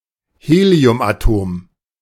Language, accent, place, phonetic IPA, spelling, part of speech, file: German, Germany, Berlin, [ˈheːli̯ʊmʔaˌtoːm], Heliumatom, noun, De-Heliumatom.ogg
- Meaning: helium atom